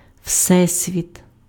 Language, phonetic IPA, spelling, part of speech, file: Ukrainian, [ˈʍsɛsʲʋʲit], всесвіт, noun, Uk-всесвіт.ogg
- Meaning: universe